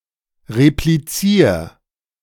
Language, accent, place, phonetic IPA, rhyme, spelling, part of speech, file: German, Germany, Berlin, [ʁepliˈt͡siːɐ̯], -iːɐ̯, replizier, verb, De-replizier.ogg
- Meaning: 1. singular imperative of replizieren 2. first-person singular present of replizieren